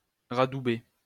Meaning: 1. to refit 2. to repair
- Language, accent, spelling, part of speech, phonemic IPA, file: French, France, radouber, verb, /ʁa.du.be/, LL-Q150 (fra)-radouber.wav